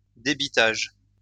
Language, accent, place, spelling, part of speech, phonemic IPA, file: French, France, Lyon, débitage, noun, /de.bi.taʒ/, LL-Q150 (fra)-débitage.wav
- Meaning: chopping up (wood etc)